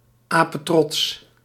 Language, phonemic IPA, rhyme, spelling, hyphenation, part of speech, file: Dutch, /ˌaː.pəˈtrɔts/, -ɔts, apetrots, ape‧trots, adjective, Nl-apetrots.ogg
- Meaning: very proud (generally with positive connotations)